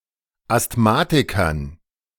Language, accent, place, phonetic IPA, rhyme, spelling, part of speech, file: German, Germany, Berlin, [astˈmaːtɪkɐn], -aːtɪkɐn, Asthmatikern, noun, De-Asthmatikern.ogg
- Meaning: dative plural of Asthmatiker